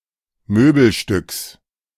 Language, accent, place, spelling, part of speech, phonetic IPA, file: German, Germany, Berlin, Möbelstücks, noun, [ˈmøːbl̩ˌʃtʏks], De-Möbelstücks.ogg
- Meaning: genitive of Möbelstück